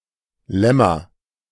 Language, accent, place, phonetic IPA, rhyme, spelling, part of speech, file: German, Germany, Berlin, [ˈlɛma], -ɛma, Lemma, noun, De-Lemma.ogg
- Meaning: 1. lemma, headword 2. lemma (proposition used mainly in the proof of some other proposition)